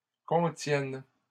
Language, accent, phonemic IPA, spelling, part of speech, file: French, Canada, /kɔ̃.tjɛn/, contiennent, verb, LL-Q150 (fra)-contiennent.wav
- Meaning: third-person plural present indicative/subjunctive of contenir